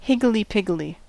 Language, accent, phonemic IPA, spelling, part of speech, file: English, US, /ˈhɪɡəldiˌpɪɡəldi/, higgledy-piggledy, adjective / adverb / noun, En-us-higgledy-piggledy.ogg
- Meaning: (adjective) In utter disorder or confusion; mixed up; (adverb) In a confused, disordered, or random way; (noun) A disordered jumble; a confusion